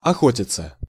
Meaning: 1. to hunt 2. to chase
- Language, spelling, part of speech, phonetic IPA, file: Russian, охотиться, verb, [ɐˈxotʲɪt͡sə], Ru-охотиться.ogg